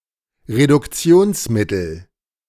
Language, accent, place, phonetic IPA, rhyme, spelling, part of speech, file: German, Germany, Berlin, [ʁedʊkˈt͡si̯oːnsˌmɪtl̩], -oːnsmɪtl̩, Reduktionsmittel, noun, De-Reduktionsmittel.ogg
- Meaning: reducing agent